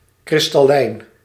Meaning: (adjective) crystalline; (noun) crystal, something crystalline
- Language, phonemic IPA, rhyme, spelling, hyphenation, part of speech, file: Dutch, /ˌkrɪs.tɑˈlɛi̯n/, -ɛi̯n, kristallijn, kris‧tal‧lijn, adjective / noun, Nl-kristallijn.ogg